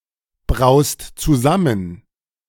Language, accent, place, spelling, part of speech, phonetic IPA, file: German, Germany, Berlin, braust zusammen, verb, [ˌbʁaʊ̯st t͡suˈzamən], De-braust zusammen.ogg
- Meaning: second-person singular present of zusammenbrauen